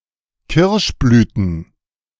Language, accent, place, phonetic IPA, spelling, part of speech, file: German, Germany, Berlin, [ˈkɪʁʃˌblyːtn̩], Kirschblüten, noun, De-Kirschblüten.ogg
- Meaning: plural of Kirschblüte